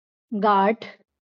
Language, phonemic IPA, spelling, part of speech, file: Marathi, /ɡaʈʰ/, गाठ, noun, LL-Q1571 (mar)-गाठ.wav
- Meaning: knot, tie